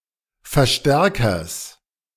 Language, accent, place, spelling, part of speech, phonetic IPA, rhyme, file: German, Germany, Berlin, Verstärkers, noun, [fɛɐ̯ˈʃtɛʁkɐs], -ɛʁkɐs, De-Verstärkers.ogg
- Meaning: genitive singular of Verstärker